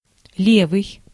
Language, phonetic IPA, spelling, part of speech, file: Russian, [ˈlʲevɨj], левый, adjective / noun, Ru-левый.ogg
- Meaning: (adjective) 1. left, left-hand 2. port 3. left-wing, leftist 4. counterfeit 5. wrong, strange, fake, impertinent, unrelated; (noun) leftist, one who believes in the political left